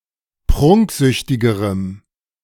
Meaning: strong dative masculine/neuter singular comparative degree of prunksüchtig
- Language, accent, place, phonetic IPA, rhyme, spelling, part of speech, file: German, Germany, Berlin, [ˈpʁʊŋkˌzʏçtɪɡəʁəm], -ʊŋkzʏçtɪɡəʁəm, prunksüchtigerem, adjective, De-prunksüchtigerem.ogg